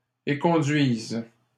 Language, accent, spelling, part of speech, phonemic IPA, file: French, Canada, éconduises, verb, /e.kɔ̃.dɥiz/, LL-Q150 (fra)-éconduises.wav
- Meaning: second-person singular present subjunctive of éconduire